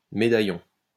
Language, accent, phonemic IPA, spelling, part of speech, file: French, France, /me.da.jɔ̃/, médaillon, noun, LL-Q150 (fra)-médaillon.wav
- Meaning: 1. medallion (large decorative medal) 2. medallion (cut of meat) 3. medallion